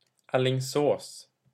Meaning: a city in Västergötland, western Sweden
- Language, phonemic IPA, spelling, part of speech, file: Swedish, /ˈɑːlɪŋˌsoːs/, Alingsås, proper noun, Sv-Alingsås.ogg